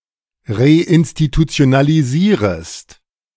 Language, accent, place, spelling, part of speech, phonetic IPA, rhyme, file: German, Germany, Berlin, reinstitutionalisierest, verb, [ʁeʔɪnstitut͡si̯onaliˈziːʁəst], -iːʁəst, De-reinstitutionalisierest.ogg
- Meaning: second-person singular subjunctive I of reinstitutionalisieren